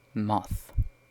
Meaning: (noun) Any flying insect of the order Lepidoptera not in the superfamily Papilionoidea, most species of which are nocturnal and can be distinguished from butterflies by feather-like antennae
- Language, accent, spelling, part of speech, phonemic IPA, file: English, UK, moth, noun / verb, /mɒθ/, En-UK-moth.oga